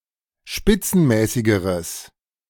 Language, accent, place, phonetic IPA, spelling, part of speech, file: German, Germany, Berlin, [ˈʃpɪt͡sn̩ˌmɛːsɪɡəʁəs], spitzenmäßigeres, adjective, De-spitzenmäßigeres.ogg
- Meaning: strong/mixed nominative/accusative neuter singular comparative degree of spitzenmäßig